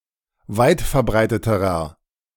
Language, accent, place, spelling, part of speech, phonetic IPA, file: German, Germany, Berlin, weitverbreiteterer, adjective, [ˈvaɪ̯tfɛɐ̯ˌbʁaɪ̯tətəʁɐ], De-weitverbreiteterer.ogg
- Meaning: inflection of weitverbreitet: 1. strong/mixed nominative masculine singular comparative degree 2. strong genitive/dative feminine singular comparative degree